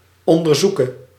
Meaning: singular present subjunctive of onderzoeken
- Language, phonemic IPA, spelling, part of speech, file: Dutch, /ˌɔndərˈzukə/, onderzoeke, verb, Nl-onderzoeke.ogg